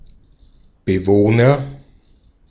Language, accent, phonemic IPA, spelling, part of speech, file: German, Austria, /bəˈvoːnɐ/, Bewohner, noun, De-at-Bewohner.ogg
- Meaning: agent noun of bewohnen: inhabitant (someone who lives or dwells in a place, especially a room, house, institution)